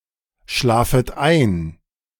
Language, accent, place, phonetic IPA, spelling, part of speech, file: German, Germany, Berlin, [ˌʃlaːfət ˈaɪ̯n], schlafet ein, verb, De-schlafet ein.ogg
- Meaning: second-person plural subjunctive I of einschlafen